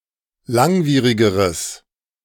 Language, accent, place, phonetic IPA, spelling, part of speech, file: German, Germany, Berlin, [ˈlaŋˌviːʁɪɡəʁəs], langwierigeres, adjective, De-langwierigeres.ogg
- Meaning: strong/mixed nominative/accusative neuter singular comparative degree of langwierig